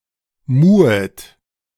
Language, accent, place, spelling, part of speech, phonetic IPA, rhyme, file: German, Germany, Berlin, muhet, verb, [ˈmuːət], -uːət, De-muhet.ogg
- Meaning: second-person plural subjunctive I of muhen